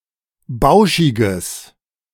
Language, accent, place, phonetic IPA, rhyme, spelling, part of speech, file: German, Germany, Berlin, [ˈbaʊ̯ʃɪɡəs], -aʊ̯ʃɪɡəs, bauschiges, adjective, De-bauschiges.ogg
- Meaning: strong/mixed nominative/accusative neuter singular of bauschig